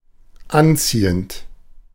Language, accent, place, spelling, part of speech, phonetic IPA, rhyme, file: German, Germany, Berlin, anziehend, adjective / verb, [ˈanˌt͡siːənt], -ant͡siːənt, De-anziehend.ogg
- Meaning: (verb) present participle of anziehen; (adjective) 1. attractive, attracting 2. pleasing